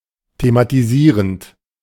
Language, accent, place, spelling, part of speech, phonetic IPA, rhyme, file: German, Germany, Berlin, thematisierend, verb, [tematiˈziːʁənt], -iːʁənt, De-thematisierend.ogg
- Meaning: present participle of thematisieren